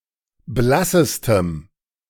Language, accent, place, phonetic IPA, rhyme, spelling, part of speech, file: German, Germany, Berlin, [ˈblasəstəm], -asəstəm, blassestem, adjective, De-blassestem.ogg
- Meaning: strong dative masculine/neuter singular superlative degree of blass